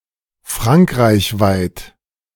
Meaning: France-wide; in all of France
- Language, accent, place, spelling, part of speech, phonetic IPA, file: German, Germany, Berlin, frankreichweit, adjective, [ˈfʁaŋkʁaɪ̯çˌvaɪ̯t], De-frankreichweit.ogg